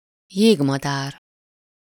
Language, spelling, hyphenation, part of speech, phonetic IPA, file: Hungarian, jégmadár, jég‧ma‧dár, noun, [ˈjeːɡmɒdaːr], Hu-jégmadár.ogg
- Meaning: 1. common kingfisher (Alcedo atthis) 2. kingfisher (any member of family Alcedinidae)